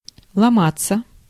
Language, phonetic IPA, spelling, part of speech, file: Russian, [ɫɐˈmat͡sːə], ломаться, verb, Ru-ломаться.ogg
- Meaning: 1. to break, to break up, to fracture, to split 2. to break down (of a device, etc.) 3. to collapse, to fall apart 4. to crack, to break (of the voice) 5. to pose, to mince, to pretend